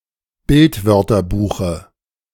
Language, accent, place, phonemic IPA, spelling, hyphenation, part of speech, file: German, Germany, Berlin, /ˈbɪltˌvœʁtɐbuːxə/, Bildwörterbuche, Bild‧wör‧ter‧bu‧che, noun, De-Bildwörterbuche.ogg
- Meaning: dative singular of Bildwörterbuch